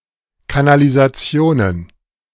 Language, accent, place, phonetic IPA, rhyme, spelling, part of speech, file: German, Germany, Berlin, [kanalizaˈt͡si̯oːnən], -oːnən, Kanalisationen, noun, De-Kanalisationen.ogg
- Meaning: plural of Kanalisation